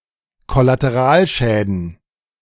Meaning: plural of Kollateralschaden
- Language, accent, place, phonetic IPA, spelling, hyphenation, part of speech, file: German, Germany, Berlin, [ˌkɔlateˈʁaːlˌʃɛːdn̩], Kollateralschäden, Kol‧la‧te‧ral‧schä‧den, noun, De-Kollateralschäden.ogg